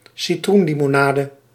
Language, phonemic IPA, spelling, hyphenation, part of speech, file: Dutch, /siˈtrun.li.moːˌnaː.də/, citroenlimonade, ci‧troen‧li‧mo‧na‧de, noun, Nl-citroenlimonade.ogg
- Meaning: lemonade, a sweetened or fizzy drink based on lemon juice